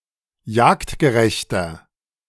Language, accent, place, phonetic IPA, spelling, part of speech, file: German, Germany, Berlin, [ˈjaːktɡəˌʁɛçtɐ], jagdgerechter, adjective, De-jagdgerechter.ogg
- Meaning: inflection of jagdgerecht: 1. strong/mixed nominative masculine singular 2. strong genitive/dative feminine singular 3. strong genitive plural